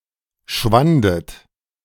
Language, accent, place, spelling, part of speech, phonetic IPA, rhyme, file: German, Germany, Berlin, schwandet, verb, [ˈʃvandət], -andət, De-schwandet.ogg
- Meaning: second-person plural preterite of schwinden